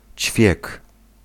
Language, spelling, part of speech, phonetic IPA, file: Polish, ćwiek, noun, [t͡ɕfʲjɛk], Pl-ćwiek.ogg